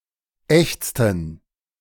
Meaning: inflection of ächzen: 1. first/third-person plural preterite 2. first/third-person plural subjunctive II
- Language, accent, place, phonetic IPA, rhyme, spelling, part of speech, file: German, Germany, Berlin, [ˈɛçt͡stn̩], -ɛçt͡stn̩, ächzten, verb, De-ächzten.ogg